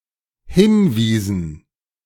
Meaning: inflection of hinweisen: 1. first/third-person plural dependent preterite 2. first/third-person plural dependent subjunctive II
- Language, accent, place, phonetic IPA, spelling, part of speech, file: German, Germany, Berlin, [ˈhɪnˌviːzn̩], hinwiesen, verb, De-hinwiesen.ogg